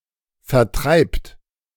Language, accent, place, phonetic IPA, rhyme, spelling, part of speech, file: German, Germany, Berlin, [fɛɐ̯ˈtʁaɪ̯pt], -aɪ̯pt, vertreibt, verb, De-vertreibt.ogg
- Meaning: second-person plural present of vertreiben